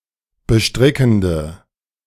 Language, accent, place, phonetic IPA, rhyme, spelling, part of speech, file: German, Germany, Berlin, [bəˈʃtʁɪkn̩də], -ɪkn̩də, bestrickende, adjective, De-bestrickende.ogg
- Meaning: inflection of bestrickend: 1. strong/mixed nominative/accusative feminine singular 2. strong nominative/accusative plural 3. weak nominative all-gender singular